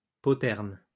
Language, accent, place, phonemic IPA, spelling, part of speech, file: French, France, Lyon, /pɔ.tɛʁn/, poterne, noun, LL-Q150 (fra)-poterne.wav
- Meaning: postern (back gate, back door, side entrance)